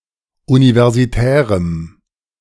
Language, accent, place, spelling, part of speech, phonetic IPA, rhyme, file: German, Germany, Berlin, universitärem, adjective, [ˌunivɛʁziˈtɛːʁəm], -ɛːʁəm, De-universitärem.ogg
- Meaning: strong dative masculine/neuter singular of universitär